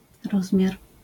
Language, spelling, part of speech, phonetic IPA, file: Polish, rozmiar, noun, [ˈrɔzmʲjar], LL-Q809 (pol)-rozmiar.wav